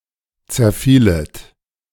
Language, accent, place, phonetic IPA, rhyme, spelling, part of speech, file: German, Germany, Berlin, [t͡sɛɐ̯ˈfiːlət], -iːlət, zerfielet, verb, De-zerfielet.ogg
- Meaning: second-person plural subjunctive II of zerfallen